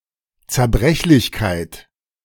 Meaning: fragility
- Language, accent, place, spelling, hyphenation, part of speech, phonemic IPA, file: German, Germany, Berlin, Zerbrechlichkeit, Zer‧brech‧lich‧keit, noun, /t͡sɛɐ̯ˈbʁɛçlɪçkaɪ̯t/, De-Zerbrechlichkeit.ogg